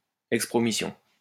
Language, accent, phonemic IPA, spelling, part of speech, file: French, France, /ɛk.spʁɔ.mi.sjɔ̃/, expromission, noun, LL-Q150 (fra)-expromission.wav
- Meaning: expromission